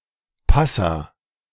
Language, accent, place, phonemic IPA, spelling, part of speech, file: German, Germany, Berlin, /ˈpasa/, Passah, proper noun, De-Passah.ogg
- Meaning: 1. Passover 2. Passover lamb